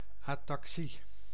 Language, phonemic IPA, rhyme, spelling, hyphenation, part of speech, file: Dutch, /ˌaː.tɑkˈsi/, -i, ataxie, ata‧xie, noun, Nl-ataxie.ogg
- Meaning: ataxia, pathological lack of coordination in bodily movements